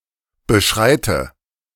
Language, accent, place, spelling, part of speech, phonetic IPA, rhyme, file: German, Germany, Berlin, beschreite, verb, [bəˈʃʁaɪ̯tə], -aɪ̯tə, De-beschreite.ogg
- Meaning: inflection of beschreiten: 1. first-person singular present 2. first/third-person singular subjunctive I 3. singular imperative